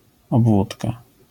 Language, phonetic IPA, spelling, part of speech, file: Polish, [ɔbˈvutka], obwódka, noun, LL-Q809 (pol)-obwódka.wav